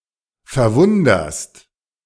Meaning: second-person singular present of verwundern
- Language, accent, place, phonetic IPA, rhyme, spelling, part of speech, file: German, Germany, Berlin, [fɛɐ̯ˈvʊndɐst], -ʊndɐst, verwunderst, verb, De-verwunderst.ogg